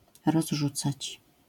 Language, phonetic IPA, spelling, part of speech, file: Polish, [rɔzˈʒut͡sat͡ɕ], rozrzucać, verb, LL-Q809 (pol)-rozrzucać.wav